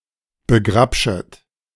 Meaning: second-person plural subjunctive I of begrapschen
- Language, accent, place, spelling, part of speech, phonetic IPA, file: German, Germany, Berlin, begrapschet, verb, [bəˈɡʁapʃət], De-begrapschet.ogg